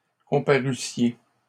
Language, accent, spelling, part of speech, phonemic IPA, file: French, Canada, comparussiez, verb, /kɔ̃.pa.ʁy.sje/, LL-Q150 (fra)-comparussiez.wav
- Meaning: second-person plural imperfect subjunctive of comparaître